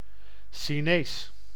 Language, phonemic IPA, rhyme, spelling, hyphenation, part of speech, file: Dutch, /ʃiˈneːs/, -eːs, Chinees, Chi‧nees, proper noun / adjective / noun, Nl-Chinees.ogg
- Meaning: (proper noun) Chinese (language); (adjective) Chinese; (noun) 1. a Chinese person 2. a Chinese or Chinese-Indonesian restaurant 3. a corner store or supermarket run by an ethnic Chinese person